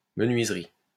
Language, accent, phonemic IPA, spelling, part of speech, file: French, France, /mə.nɥiz.ʁi/, menuiserie, noun, LL-Q150 (fra)-menuiserie.wav
- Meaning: carpentry; joinery; woodwork